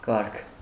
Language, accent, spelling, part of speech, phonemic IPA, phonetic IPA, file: Armenian, Eastern Armenian, կարգ, noun, /kɑɾkʰ/, [kɑɾkʰ], Hy-կարգ.ogg
- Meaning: 1. system, order, rank, class; category 2. order (the state of being well arranged) 3. row 4. custom 5. order